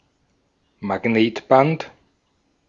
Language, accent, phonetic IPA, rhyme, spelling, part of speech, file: German, Austria, [maˈɡneːtˌbant], -eːtbant, Magnetband, noun, De-at-Magnetband.ogg
- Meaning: magnetic tape